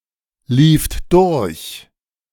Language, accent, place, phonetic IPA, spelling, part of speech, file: German, Germany, Berlin, [ˌliːft ˈdʊʁç], lieft durch, verb, De-lieft durch.ogg
- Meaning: second-person plural preterite of durchlaufen